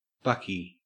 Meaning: 1. A gun 2. Alternative form of Bucky (“a Potter-Bucky diaphragm”)
- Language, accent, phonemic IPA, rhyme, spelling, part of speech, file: English, Australia, /ˈbʌki/, -ʌki, bucky, noun, En-au-bucky.ogg